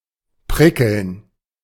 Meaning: 1. to prickle 2. to sparkle
- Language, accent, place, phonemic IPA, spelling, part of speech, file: German, Germany, Berlin, /ˈpʁɪkl̩n/, prickeln, verb, De-prickeln.ogg